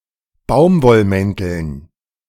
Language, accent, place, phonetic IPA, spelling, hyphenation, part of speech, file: German, Germany, Berlin, [ˈbaʊ̯mvɔlˌmɛntl̩n], Baumwollmänteln, Baum‧woll‧män‧teln, noun, De-Baumwollmänteln.ogg
- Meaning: dative plural of Baumwollmantel